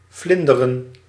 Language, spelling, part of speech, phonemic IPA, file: Dutch, vlinderen, verb, /ˈvlɪn.də.rə(n)/, Nl-vlinderen.ogg
- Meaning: 1. to flutter 2. to swim the butterfly stroke 3. to smooth a new concrete floor using a trowel or some other tool 4. to observe butterflies (recreationally or for scientific purposes)